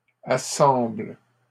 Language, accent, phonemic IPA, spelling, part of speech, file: French, Canada, /a.sɑ̃bl/, assemble, verb, LL-Q150 (fra)-assemble.wav
- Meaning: inflection of assembler: 1. first/third-person singular present indicative/subjunctive 2. second-person singular imperative